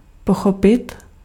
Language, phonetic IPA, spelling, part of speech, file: Czech, [ˈpoxopɪt], pochopit, verb, Cs-pochopit.ogg
- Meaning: to understand, to grasp